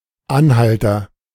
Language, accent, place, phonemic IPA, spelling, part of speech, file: German, Germany, Berlin, /ˈanˌhaltɐ/, Anhalter, noun, De-Anhalter.ogg
- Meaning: agent noun of anhalten; hitchhiker